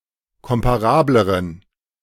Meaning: inflection of komparabel: 1. strong genitive masculine/neuter singular comparative degree 2. weak/mixed genitive/dative all-gender singular comparative degree
- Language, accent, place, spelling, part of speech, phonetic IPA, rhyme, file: German, Germany, Berlin, komparableren, adjective, [ˌkɔmpaˈʁaːbləʁən], -aːbləʁən, De-komparableren.ogg